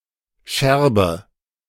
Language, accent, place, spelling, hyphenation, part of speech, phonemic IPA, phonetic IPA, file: German, Germany, Berlin, Scherbe, Scher‧be, noun, /ˈʃɛʁbə/, [ˈʃɛɐ̯bə], De-Scherbe.ogg
- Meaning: shard, sherd, fragment